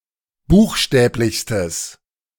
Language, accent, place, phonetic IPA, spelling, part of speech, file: German, Germany, Berlin, [ˈbuːxˌʃtɛːplɪçstəs], buchstäblichstes, adjective, De-buchstäblichstes.ogg
- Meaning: strong/mixed nominative/accusative neuter singular superlative degree of buchstäblich